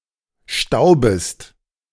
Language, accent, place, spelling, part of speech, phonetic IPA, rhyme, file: German, Germany, Berlin, staubest, verb, [ˈʃtaʊ̯bəst], -aʊ̯bəst, De-staubest.ogg
- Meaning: second-person singular subjunctive I of stauben